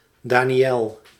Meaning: 1. Daniel (biblical prophet) 2. the book Daniel, named after the prophet 3. a male given name
- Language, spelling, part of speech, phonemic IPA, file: Dutch, Daniël, proper noun, /ˈdaːniˌjɛl/, Nl-Daniël.ogg